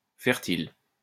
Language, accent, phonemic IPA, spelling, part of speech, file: French, France, /fɛʁ.til/, fertile, adjective, LL-Q150 (fra)-fertile.wav
- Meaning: fertile